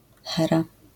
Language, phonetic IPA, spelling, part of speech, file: Polish, [ˈxɛra], Hera, proper noun, LL-Q809 (pol)-Hera.wav